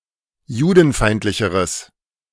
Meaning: strong/mixed nominative/accusative neuter singular comparative degree of judenfeindlich
- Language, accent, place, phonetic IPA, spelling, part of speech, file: German, Germany, Berlin, [ˈjuːdn̩ˌfaɪ̯ntlɪçəʁəs], judenfeindlicheres, adjective, De-judenfeindlicheres.ogg